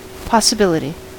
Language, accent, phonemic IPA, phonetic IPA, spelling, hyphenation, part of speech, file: English, US, /ˌpɑ.səˈbɪl.ə.ti/, [ˌpɑ.səˈbɪl.ə.ɾi], possibility, pos‧si‧bil‧i‧ty, noun, En-us-possibility.ogg
- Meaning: 1. The quality of being possible 2. A thing possible; that which may take place or come into being 3. An option or choice, usually used in context with future events